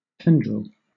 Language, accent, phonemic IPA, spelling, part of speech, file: English, Southern England, /ˈtɛn.dɹəl/, tendril, noun / adjective, LL-Q1860 (eng)-tendril.wav
- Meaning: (noun) 1. A thin, spirally coiling stem that attaches a plant to its support 2. A hair-like tentacle 3. Anything shaped like a tendril or coil